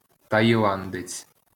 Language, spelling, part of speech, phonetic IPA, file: Ukrainian, таїландець, noun, [tɐjiˈɫandet͡sʲ], LL-Q8798 (ukr)-таїландець.wav
- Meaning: Thai (male citizen of Thailand)